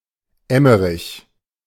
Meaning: 1. a town in Lower Rhine, North Rhine-Westphalia, Germany; official name: Emmerich am Rhein 2. a male given name of rare usage, borne among others by an 11th-century Hungarian saint
- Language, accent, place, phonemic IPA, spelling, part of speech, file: German, Germany, Berlin, /ˈɛməʁɪç/, Emmerich, proper noun, De-Emmerich.ogg